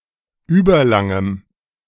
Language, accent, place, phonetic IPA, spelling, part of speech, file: German, Germany, Berlin, [ˈyːbɐˌlaŋəm], überlangem, adjective, De-überlangem.ogg
- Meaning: strong dative masculine/neuter singular of überlang